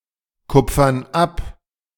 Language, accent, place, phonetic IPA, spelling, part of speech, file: German, Germany, Berlin, [ˌkʊp͡fɐn ˈap], kupfern ab, verb, De-kupfern ab.ogg
- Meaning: inflection of abkupfern: 1. first/third-person plural present 2. first/third-person plural subjunctive I